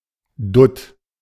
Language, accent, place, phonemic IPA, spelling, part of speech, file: German, Germany, Berlin, /dʊt/, Dutt, noun, De-Dutt.ogg
- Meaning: chignon, bun (hairstyle)